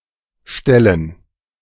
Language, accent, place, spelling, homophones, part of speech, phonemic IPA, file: German, Germany, Berlin, Ställen, stellen / Stellen, noun, /ˈʃtɛlən/, De-Ställen.ogg
- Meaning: dative plural of Stall